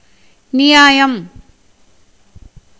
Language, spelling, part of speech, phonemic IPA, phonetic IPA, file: Tamil, நியாயம், noun, /nɪjɑːjɐm/, [nɪjäːjɐm], Ta-நியாயம்.ogg
- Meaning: 1. justice, fairness, equity, right 2. truth, honesty 3. morality, natural virtues 4. law, rule, precept 5. cause, reason, ground of action 6. argument, debate